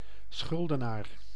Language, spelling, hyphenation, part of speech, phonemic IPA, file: Dutch, schuldenaar, schul‧de‧naar, noun, /ˈsxʏl.dəˌnaːr/, Nl-schuldenaar.ogg
- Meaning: 1. debtor 2. obligor